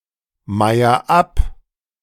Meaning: inflection of abmeiern: 1. first-person singular present 2. singular imperative
- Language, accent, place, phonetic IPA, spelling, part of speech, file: German, Germany, Berlin, [ˌmaɪ̯ɐ ˈap], meier ab, verb, De-meier ab.ogg